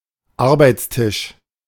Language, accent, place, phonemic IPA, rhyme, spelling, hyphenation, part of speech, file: German, Germany, Berlin, /ˈaʁbaɪ̯t͡sˌtɪʃ/, -ɪʃ, Arbeitstisch, Ar‧beits‧tisch, noun, De-Arbeitstisch.ogg
- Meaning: workbench (table at which manual work is done)